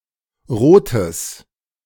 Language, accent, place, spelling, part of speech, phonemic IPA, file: German, Germany, Berlin, rotes, adjective, /ˈʁoːtəs/, De-rotes.ogg
- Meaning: strong/mixed nominative/accusative neuter singular of rot